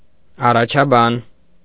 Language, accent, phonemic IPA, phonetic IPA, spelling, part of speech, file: Armenian, Eastern Armenian, /ɑrɑt͡ʃʰɑˈbɑn/, [ɑrɑt͡ʃʰɑbɑ́n], առաջաբան, noun, Hy-առաջաբան.ogg
- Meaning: preface, prologue